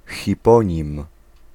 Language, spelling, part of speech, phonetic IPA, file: Polish, hiponim, noun, [xʲiˈpɔ̃ɲĩm], Pl-hiponim.ogg